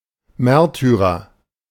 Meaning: martyr
- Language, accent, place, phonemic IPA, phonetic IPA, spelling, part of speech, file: German, Germany, Berlin, /ˈmɛʁtyʁəʁ/, [ˈmɛʁtʰyʁɐ], Märtyrer, noun, De-Märtyrer.ogg